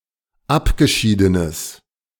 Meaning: strong/mixed nominative/accusative neuter singular of abgeschieden
- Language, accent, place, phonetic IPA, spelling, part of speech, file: German, Germany, Berlin, [ˈapɡəˌʃiːdənəs], abgeschiedenes, adjective, De-abgeschiedenes.ogg